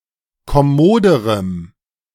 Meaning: strong dative masculine/neuter singular comparative degree of kommod
- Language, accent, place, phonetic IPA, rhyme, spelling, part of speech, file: German, Germany, Berlin, [kɔˈmoːdəʁəm], -oːdəʁəm, kommoderem, adjective, De-kommoderem.ogg